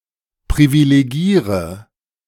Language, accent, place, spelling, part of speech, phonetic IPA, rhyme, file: German, Germany, Berlin, privilegiere, verb, [pʁivileˈɡiːʁə], -iːʁə, De-privilegiere.ogg
- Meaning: inflection of privilegieren: 1. first-person singular present 2. singular imperative 3. first/third-person singular subjunctive I